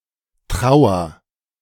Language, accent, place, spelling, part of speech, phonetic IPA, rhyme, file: German, Germany, Berlin, trauer, verb, [ˈtʁaʊ̯ɐ], -aʊ̯ɐ, De-trauer.ogg
- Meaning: inflection of trauern: 1. first-person singular present 2. singular imperative